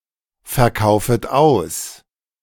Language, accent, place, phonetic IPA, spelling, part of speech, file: German, Germany, Berlin, [fɛɐ̯ˌkaʊ̯fət ˈaʊ̯s], verkaufet aus, verb, De-verkaufet aus.ogg
- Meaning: second-person plural subjunctive I of ausverkaufen